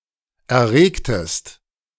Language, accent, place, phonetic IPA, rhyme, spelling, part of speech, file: German, Germany, Berlin, [ɛɐ̯ˈʁeːktəst], -eːktəst, erregtest, verb, De-erregtest.ogg
- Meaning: inflection of erregen: 1. second-person singular preterite 2. second-person singular subjunctive II